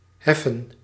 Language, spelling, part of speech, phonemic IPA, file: Dutch, heffen, verb, /ˈɦɛ.fə(n)/, Nl-heffen.ogg
- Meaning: 1. to raise, lift, heave 2. to levy (a tax or toll)